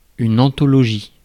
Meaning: anthology
- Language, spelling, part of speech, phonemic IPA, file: French, anthologie, noun, /ɑ̃.tɔ.lɔ.ʒi/, Fr-anthologie.ogg